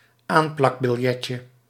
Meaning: diminutive of aanplakbiljet
- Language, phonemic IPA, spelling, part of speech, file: Dutch, /ˈamplɑɡbɪlˌjɛcə/, aanplakbiljetje, noun, Nl-aanplakbiljetje.ogg